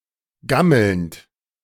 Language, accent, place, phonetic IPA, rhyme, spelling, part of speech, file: German, Germany, Berlin, [ˈɡaml̩nt], -aml̩nt, gammelnd, verb, De-gammelnd.ogg
- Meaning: present participle of gammeln